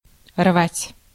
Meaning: 1. to tear (rend) 2. to tear apart 3. to tear out 4. to break 5. to break up, to break off 6. to pick, to pluck flowers or fruits
- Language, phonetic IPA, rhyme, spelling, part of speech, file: Russian, [rvatʲ], -atʲ, рвать, verb, Ru-рвать.ogg